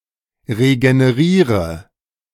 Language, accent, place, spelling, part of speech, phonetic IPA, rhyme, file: German, Germany, Berlin, regeneriere, verb, [ʁeɡəneˈʁiːʁə], -iːʁə, De-regeneriere.ogg
- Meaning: inflection of regenerieren: 1. first-person singular present 2. first/third-person singular subjunctive I 3. singular imperative